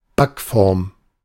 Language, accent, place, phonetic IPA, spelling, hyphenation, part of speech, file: German, Germany, Berlin, [ˈbakˌfɔʁm], Backform, Back‧form, noun, De-Backform.ogg
- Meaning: baking tin / pan / piedish; cakepan